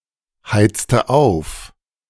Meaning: inflection of aufheizen: 1. first/third-person singular preterite 2. first/third-person singular subjunctive II
- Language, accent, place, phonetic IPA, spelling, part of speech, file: German, Germany, Berlin, [ˌhaɪ̯t͡stə ˈaʊ̯f], heizte auf, verb, De-heizte auf.ogg